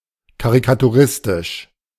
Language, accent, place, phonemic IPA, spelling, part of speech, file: German, Germany, Berlin, /kaʁikatuˈʁɪstɪʃ/, karikaturistisch, adjective, De-karikaturistisch.ogg
- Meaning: caricatural